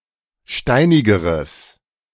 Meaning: strong/mixed nominative/accusative neuter singular comparative degree of steinig
- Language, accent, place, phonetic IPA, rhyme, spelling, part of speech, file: German, Germany, Berlin, [ˈʃtaɪ̯nɪɡəʁəs], -aɪ̯nɪɡəʁəs, steinigeres, adjective, De-steinigeres.ogg